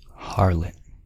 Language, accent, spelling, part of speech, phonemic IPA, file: English, US, harlot, noun / verb / adjective, /ˈhɑɹlət/, En-us-harlot.ogg
- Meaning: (noun) 1. A female prostitute 2. A female who is considered promiscuous 3. A churl; a common man; a person, male or female, of low birth, especially one given to low conduct